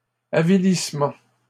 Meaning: 1. degradation 2. abasement
- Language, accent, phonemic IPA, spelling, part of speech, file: French, Canada, /a.vi.lis.mɑ̃/, avilissement, noun, LL-Q150 (fra)-avilissement.wav